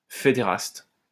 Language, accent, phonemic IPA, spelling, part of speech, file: French, France, /fe.de.ʁast/, fédéraste, noun, LL-Q150 (fra)-fédéraste.wav
- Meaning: a federast, supporter of federalism, a federalist